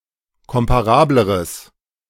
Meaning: strong/mixed nominative/accusative neuter singular comparative degree of komparabel
- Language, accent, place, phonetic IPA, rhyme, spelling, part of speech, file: German, Germany, Berlin, [ˌkɔmpaˈʁaːbləʁəs], -aːbləʁəs, komparableres, adjective, De-komparableres.ogg